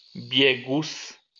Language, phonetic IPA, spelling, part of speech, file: Polish, [ˈbʲjɛɡus], biegus, noun, LL-Q809 (pol)-biegus.wav